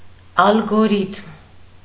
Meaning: algorithm
- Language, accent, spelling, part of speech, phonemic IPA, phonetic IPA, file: Armenian, Eastern Armenian, ալգորիթմ, noun, /ɑlɡoˈɾitʰm/, [ɑlɡoɾítʰm], Hy-ալգորիթմ.ogg